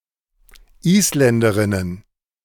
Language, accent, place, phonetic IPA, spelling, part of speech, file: German, Germany, Berlin, [ˈiːsˌlɛndəʁɪnən], Isländerinnen, noun, De-Isländerinnen.ogg
- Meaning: plural of Isländerin